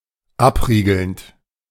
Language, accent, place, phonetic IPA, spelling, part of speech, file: German, Germany, Berlin, [ˈapˌʁiːɡl̩nt], abriegelnd, verb, De-abriegelnd.ogg
- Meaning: present participle of abriegeln